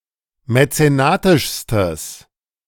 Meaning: strong/mixed nominative/accusative neuter singular superlative degree of mäzenatisch
- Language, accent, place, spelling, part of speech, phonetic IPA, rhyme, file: German, Germany, Berlin, mäzenatischstes, adjective, [mɛt͡seˈnaːtɪʃstəs], -aːtɪʃstəs, De-mäzenatischstes.ogg